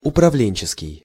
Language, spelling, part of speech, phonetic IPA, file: Russian, управленческий, adjective, [ʊprɐˈvlʲenʲt͡ɕɪskʲɪj], Ru-управленческий.ogg
- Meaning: management; administrative, managerial